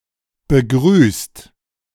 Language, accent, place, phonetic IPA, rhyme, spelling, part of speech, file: German, Germany, Berlin, [bəˈɡʁyːst], -yːst, begrüßt, verb, De-begrüßt.ogg
- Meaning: 1. past participle of begrüßen 2. inflection of begrüßen: second-person singular/plural present 3. inflection of begrüßen: third-person singular present 4. inflection of begrüßen: plural imperative